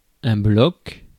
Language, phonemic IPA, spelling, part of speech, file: French, /blɔk/, bloc, noun, Fr-bloc.ogg
- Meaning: 1. a block (e.g., of wood) 2. a bloc, an alliance 3. a pad of paper 4. block (of memory, of code)